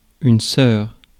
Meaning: 1. sister (a daughter of the same parents as another person; a female sibling) 2. nun
- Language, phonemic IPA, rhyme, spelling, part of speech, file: French, /sœʁ/, -œʁ, sœur, noun, Fr-sœur.ogg